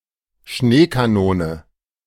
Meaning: snow cannon, snowgun
- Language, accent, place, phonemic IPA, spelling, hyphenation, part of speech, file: German, Germany, Berlin, /ˈʃneːkaˌnoːnə/, Schneekanone, Schnee‧ka‧no‧ne, noun, De-Schneekanone.ogg